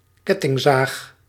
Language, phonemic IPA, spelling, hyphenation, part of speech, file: Dutch, /ˈkɛ.tɪŋˌzaːx/, kettingzaag, ket‧ting‧zaag, noun, Nl-kettingzaag.ogg
- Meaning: chainsaw